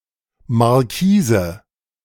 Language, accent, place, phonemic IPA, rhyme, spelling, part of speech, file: German, Germany, Berlin, /ˌmaʁˈkiːzə/, -iːzə, Markise, noun, De-Markise.ogg
- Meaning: 1. awning 2. marquise (style of cut gemstone) 3. alternative form of Marquise